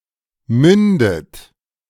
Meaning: inflection of münden: 1. third-person singular present 2. second-person plural present 3. second-person plural subjunctive I 4. plural imperative
- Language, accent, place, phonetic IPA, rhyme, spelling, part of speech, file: German, Germany, Berlin, [ˈmʏndət], -ʏndət, mündet, verb, De-mündet.ogg